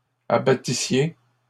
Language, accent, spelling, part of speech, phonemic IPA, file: French, Canada, abattissiez, verb, /a.ba.ti.sje/, LL-Q150 (fra)-abattissiez.wav
- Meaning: second-person plural imperfect subjunctive of abattre